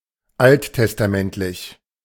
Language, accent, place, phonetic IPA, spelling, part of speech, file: German, Germany, Berlin, [ˈalttɛstaˌmɛntlɪç], alttestamentlich, adjective, De-alttestamentlich.ogg
- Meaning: Old Testament